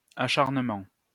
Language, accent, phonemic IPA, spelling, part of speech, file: French, France, /a.ʃaʁ.nə.mɑ̃/, acharnement, noun, LL-Q150 (fra)-acharnement.wav
- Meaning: 1. relentlessness, doggedness 2. persecution, harassment